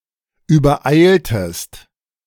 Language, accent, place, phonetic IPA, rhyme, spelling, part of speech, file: German, Germany, Berlin, [yːbɐˈʔaɪ̯ltəst], -aɪ̯ltəst, übereiltest, verb, De-übereiltest.ogg
- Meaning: inflection of übereilen: 1. second-person singular preterite 2. second-person singular subjunctive II